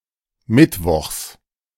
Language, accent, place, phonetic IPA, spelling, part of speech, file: German, Germany, Berlin, [ˈmɪtˌvɔxs], Mittwochs, noun, De-Mittwochs.ogg
- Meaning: genitive singular of Mittwoch